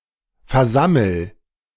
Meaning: inflection of versammeln: 1. first-person singular present 2. singular imperative
- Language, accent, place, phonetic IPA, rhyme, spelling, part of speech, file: German, Germany, Berlin, [fɛɐ̯ˈzaml̩], -aml̩, versammel, verb, De-versammel.ogg